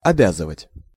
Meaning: to oblige, to bind
- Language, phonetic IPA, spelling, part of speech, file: Russian, [ɐˈbʲazɨvətʲ], обязывать, verb, Ru-обязывать.ogg